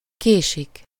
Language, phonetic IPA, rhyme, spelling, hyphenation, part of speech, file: Hungarian, [ˈkeːʃik], -eːʃik, késik, ké‧sik, verb, Hu-késik.ogg
- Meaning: 1. to be late (-t/-ot/-at/-et/-öt) 2. to be slow (-t/-ot/-at/-et/-öt) 3. third-person plural indicative present definite of késik